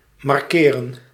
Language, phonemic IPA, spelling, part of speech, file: Dutch, /mɑr.kɪː.rə(n)/, markeren, verb, Nl-markeren.ogg
- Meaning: to mark